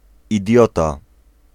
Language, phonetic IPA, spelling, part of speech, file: Polish, [iˈdʲjɔta], idiota, noun, Pl-idiota.ogg